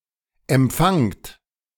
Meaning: inflection of empfangen: 1. second-person plural present 2. plural imperative
- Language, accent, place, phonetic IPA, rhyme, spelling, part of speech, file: German, Germany, Berlin, [ɛmˈp͡faŋt], -aŋt, empfangt, verb, De-empfangt.ogg